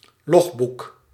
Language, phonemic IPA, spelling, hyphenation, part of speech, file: Dutch, /ˈlɔx.buk/, logboek, log‧boek, noun, Nl-logboek.ogg
- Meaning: logbook, journal